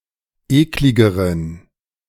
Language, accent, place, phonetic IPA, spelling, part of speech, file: German, Germany, Berlin, [ˈeːklɪɡəʁən], ekligeren, adjective, De-ekligeren.ogg
- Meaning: inflection of eklig: 1. strong genitive masculine/neuter singular comparative degree 2. weak/mixed genitive/dative all-gender singular comparative degree